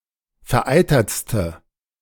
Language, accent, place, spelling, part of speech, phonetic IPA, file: German, Germany, Berlin, vereitertste, adjective, [fɛɐ̯ˈʔaɪ̯tɐt͡stə], De-vereitertste.ogg
- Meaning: inflection of vereitert: 1. strong/mixed nominative/accusative feminine singular superlative degree 2. strong nominative/accusative plural superlative degree